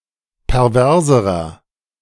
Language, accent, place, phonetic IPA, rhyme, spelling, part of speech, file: German, Germany, Berlin, [pɛʁˈvɛʁzəʁɐ], -ɛʁzəʁɐ, perverserer, adjective, De-perverserer.ogg
- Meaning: inflection of pervers: 1. strong/mixed nominative masculine singular comparative degree 2. strong genitive/dative feminine singular comparative degree 3. strong genitive plural comparative degree